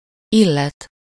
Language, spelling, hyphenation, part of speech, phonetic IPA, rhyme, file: Hungarian, illet, il‧let, verb, [ˈilːɛt], -ɛt, Hu-illet.ogg
- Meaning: 1. to concern someone (used with -t/-ot/-at/-et/-öt) 2. to concern someone (used with -t/-ot/-at/-et/-öt): construed with ami and an object: as far as … is concerned, as regards, with respect to